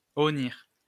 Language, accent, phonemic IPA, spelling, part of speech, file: French, France, /ɔ.niʁ/, honnir, verb, LL-Q150 (fra)-honnir.wav
- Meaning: to shame; to disgrace; to dishonor